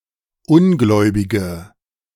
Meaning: female equivalent of Ungläubiger: 1. female infidel/heathen/disbeliever/unbeliever 2. female nonbeliever
- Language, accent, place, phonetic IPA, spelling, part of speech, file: German, Germany, Berlin, [ˈʊnˌɡlɔɪ̯bɪɡə], Ungläubige, noun, De-Ungläubige.ogg